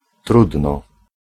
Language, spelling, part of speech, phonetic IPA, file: Polish, trudno, adverb / interjection, [ˈtrudnɔ], Pl-trudno.ogg